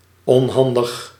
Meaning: 1. clumsy, maladroit 2. inconvenient
- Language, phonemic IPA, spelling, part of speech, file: Dutch, /ɔnˈhɑndəx/, onhandig, adjective, Nl-onhandig.ogg